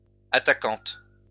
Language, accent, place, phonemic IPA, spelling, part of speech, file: French, France, Lyon, /a.ta.kɑ̃t/, attaquante, noun, LL-Q150 (fra)-attaquante.wav
- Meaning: female equivalent of attaquant